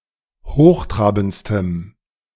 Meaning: strong dative masculine/neuter singular superlative degree of hochtrabend
- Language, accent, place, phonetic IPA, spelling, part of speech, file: German, Germany, Berlin, [ˈhoːxˌtʁaːbn̩t͡stəm], hochtrabendstem, adjective, De-hochtrabendstem.ogg